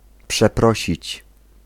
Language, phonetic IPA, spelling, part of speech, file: Polish, [pʃɛˈprɔɕit͡ɕ], przeprosić, verb, Pl-przeprosić.ogg